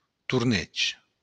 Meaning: 1. tournament 2. joust
- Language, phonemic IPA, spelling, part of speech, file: Occitan, /turˈnetʃ/, torneg, noun, LL-Q942602-torneg.wav